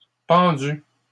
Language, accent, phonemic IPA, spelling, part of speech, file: French, Canada, /pɑ̃.dy/, pendues, verb, LL-Q150 (fra)-pendues.wav
- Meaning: feminine plural of pendu